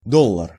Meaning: dollar
- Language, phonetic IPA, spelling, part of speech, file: Russian, [ˈdoɫ(ː)ər], доллар, noun, Ru-доллар.ogg